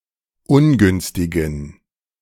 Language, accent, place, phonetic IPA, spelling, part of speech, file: German, Germany, Berlin, [ˈʊnˌɡʏnstɪɡn̩], ungünstigen, adjective, De-ungünstigen.ogg
- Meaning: inflection of ungünstig: 1. strong genitive masculine/neuter singular 2. weak/mixed genitive/dative all-gender singular 3. strong/weak/mixed accusative masculine singular 4. strong dative plural